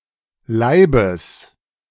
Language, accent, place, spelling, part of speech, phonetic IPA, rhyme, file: German, Germany, Berlin, Leibes, noun, [ˈlaɪ̯bəs], -aɪ̯bəs, De-Leibes.ogg
- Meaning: genitive singular of Leib